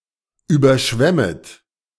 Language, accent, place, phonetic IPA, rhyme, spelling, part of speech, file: German, Germany, Berlin, [ˌyːbɐˈʃvɛmət], -ɛmət, überschwemmet, verb, De-überschwemmet.ogg
- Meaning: second-person plural subjunctive I of überschwemmen